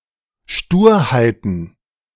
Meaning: plural of Sturheit
- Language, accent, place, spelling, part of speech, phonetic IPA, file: German, Germany, Berlin, Sturheiten, noun, [ˈʃtuːɐ̯haɪ̯tn̩], De-Sturheiten.ogg